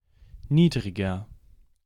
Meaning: inflection of niedrig: 1. strong/mixed nominative masculine singular 2. strong genitive/dative feminine singular 3. strong genitive plural
- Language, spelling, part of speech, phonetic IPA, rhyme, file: German, niedriger, adjective, [ˈniːdʁɪɡɐ], -iːdʁɪɡɐ, De-niedriger.ogg